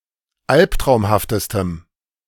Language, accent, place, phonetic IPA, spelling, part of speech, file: German, Germany, Berlin, [ˈalptʁaʊ̯mhaftəstəm], albtraumhaftestem, adjective, De-albtraumhaftestem.ogg
- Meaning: strong dative masculine/neuter singular superlative degree of albtraumhaft